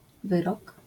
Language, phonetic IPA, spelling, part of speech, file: Polish, [ˈvɨrɔk], wyrok, noun, LL-Q809 (pol)-wyrok.wav